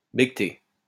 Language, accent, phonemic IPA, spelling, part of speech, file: French, France, /be.ɡə.te/, bégueter, verb, LL-Q150 (fra)-bégueter.wav
- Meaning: to bleat